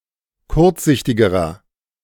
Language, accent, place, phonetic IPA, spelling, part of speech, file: German, Germany, Berlin, [ˈkʊʁt͡sˌzɪçtɪɡəʁɐ], kurzsichtigerer, adjective, De-kurzsichtigerer.ogg
- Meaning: inflection of kurzsichtig: 1. strong/mixed nominative masculine singular comparative degree 2. strong genitive/dative feminine singular comparative degree 3. strong genitive plural comparative degree